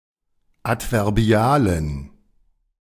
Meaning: inflection of adverbial: 1. strong genitive masculine/neuter singular 2. weak/mixed genitive/dative all-gender singular 3. strong/weak/mixed accusative masculine singular 4. strong dative plural
- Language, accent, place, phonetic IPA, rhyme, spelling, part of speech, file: German, Germany, Berlin, [ˌatvɛʁˈbi̯aːlən], -aːlən, adverbialen, adjective, De-adverbialen.ogg